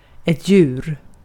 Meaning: animal
- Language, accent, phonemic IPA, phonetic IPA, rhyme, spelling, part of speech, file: Swedish, Sweden, /ˈjʉːr/, [ˈjʏːr], -ʉːr, djur, noun, Sv-djur.ogg